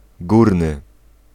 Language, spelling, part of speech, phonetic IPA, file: Polish, górny, adjective, [ˈɡurnɨ], Pl-górny.ogg